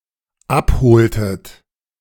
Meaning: inflection of abholen: 1. second-person plural dependent preterite 2. second-person plural dependent subjunctive II
- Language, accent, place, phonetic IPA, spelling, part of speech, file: German, Germany, Berlin, [ˈapˌhoːltət], abholtet, verb, De-abholtet.ogg